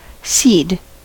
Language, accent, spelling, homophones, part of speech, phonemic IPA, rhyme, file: English, US, cede, sede / seed, verb, /siːd/, -iːd, En-us-cede.ogg
- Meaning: 1. To give up; yield to another 2. To give up; yield to another.: Same as above 3. To give way